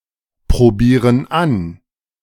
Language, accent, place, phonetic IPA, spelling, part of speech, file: German, Germany, Berlin, [pʁoˌbiːʁən ˈan], probieren an, verb, De-probieren an.ogg
- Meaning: inflection of anprobieren: 1. first/third-person plural present 2. first/third-person plural subjunctive I